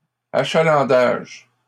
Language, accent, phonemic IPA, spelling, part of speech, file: French, Canada, /a.ʃa.lɑ̃.daʒ/, achalandage, noun, LL-Q150 (fra)-achalandage.wav
- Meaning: 1. clientele, patronage, business 2. foot traffic (of an area); ridership (of a means of transport) 3. goodwill